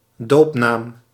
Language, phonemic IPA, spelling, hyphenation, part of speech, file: Dutch, /ˈdoːp.naːm/, doopnaam, doop‧naam, noun, Nl-doopnaam.ogg
- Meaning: baptismal name